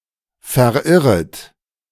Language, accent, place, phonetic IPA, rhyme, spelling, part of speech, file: German, Germany, Berlin, [fɛɐ̯ˈʔɪʁət], -ɪʁət, verirret, verb, De-verirret.ogg
- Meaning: second-person plural subjunctive I of verirren